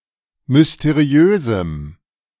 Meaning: strong dative masculine/neuter singular of mysteriös
- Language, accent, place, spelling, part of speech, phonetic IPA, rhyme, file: German, Germany, Berlin, mysteriösem, adjective, [mʏsteˈʁi̯øːzm̩], -øːzm̩, De-mysteriösem.ogg